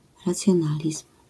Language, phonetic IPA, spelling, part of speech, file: Polish, [ˌrat͡sʲjɔ̃ˈnalʲism̥], racjonalizm, noun, LL-Q809 (pol)-racjonalizm.wav